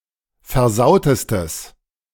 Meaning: strong/mixed nominative/accusative neuter singular superlative degree of versaut
- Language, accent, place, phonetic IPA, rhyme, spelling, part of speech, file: German, Germany, Berlin, [fɛɐ̯ˈzaʊ̯təstəs], -aʊ̯təstəs, versautestes, adjective, De-versautestes.ogg